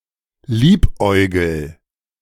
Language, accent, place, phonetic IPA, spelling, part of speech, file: German, Germany, Berlin, [ˈliːpˌʔɔɪ̯ɡl̩], liebäugel, verb, De-liebäugel.ogg
- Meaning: inflection of liebäugeln: 1. first-person singular present 2. singular imperative